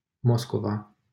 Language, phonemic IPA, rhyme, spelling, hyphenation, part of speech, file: Romanian, /ˈmos.ko.va/, -oskova, Moscova, Mos‧co‧va, proper noun, LL-Q7913 (ron)-Moscova.wav
- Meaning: Moscow (a federal city, the capital of Russia)